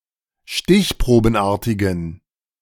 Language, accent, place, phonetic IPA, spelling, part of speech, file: German, Germany, Berlin, [ˈʃtɪçpʁoːbn̩ˌʔaːɐ̯tɪɡn̩], stichprobenartigen, adjective, De-stichprobenartigen.ogg
- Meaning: inflection of stichprobenartig: 1. strong genitive masculine/neuter singular 2. weak/mixed genitive/dative all-gender singular 3. strong/weak/mixed accusative masculine singular